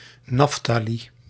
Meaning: 1. Naphtali (mythological son of Jacob) 2. Naphtali (tribe of Israel)
- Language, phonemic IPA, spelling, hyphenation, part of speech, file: Dutch, /ˈnɑf.taː.li/, Naftali, Naf‧ta‧li, proper noun, Nl-Naftali.ogg